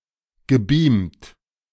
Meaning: past participle of beamen
- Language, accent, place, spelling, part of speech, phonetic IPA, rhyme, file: German, Germany, Berlin, gebeamt, verb, [ɡəˈbiːmt], -iːmt, De-gebeamt.ogg